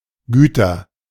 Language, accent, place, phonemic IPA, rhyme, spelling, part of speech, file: German, Germany, Berlin, /ˈɡyːtɐ/, -yːtɐ, Güter, noun, De-Güter.ogg
- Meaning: nominative/accusative/genitive plural of Gut